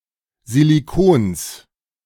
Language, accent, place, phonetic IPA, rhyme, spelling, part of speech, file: German, Germany, Berlin, [ziliˈkoːns], -oːns, Silicons, noun, De-Silicons.ogg
- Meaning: genitive singular of Silicon